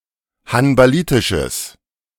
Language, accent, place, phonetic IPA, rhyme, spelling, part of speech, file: German, Germany, Berlin, [hanbaˈliːtɪʃəs], -iːtɪʃəs, hanbalitisches, adjective, De-hanbalitisches.ogg
- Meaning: strong/mixed nominative/accusative neuter singular of hanbalitisch